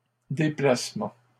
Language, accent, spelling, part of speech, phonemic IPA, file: French, Canada, déplacement, noun, /de.plas.mɑ̃/, LL-Q150 (fra)-déplacement.wav
- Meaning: 1. trip, journey 2. movement (act of moving from one place to another) shift 3. a move (action of moving) 4. displacement